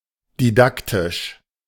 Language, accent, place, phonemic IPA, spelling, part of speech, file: German, Germany, Berlin, /diˈdaktɪʃ/, didaktisch, adjective, De-didaktisch.ogg
- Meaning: didactic (instructive or intended to teach or demonstrate)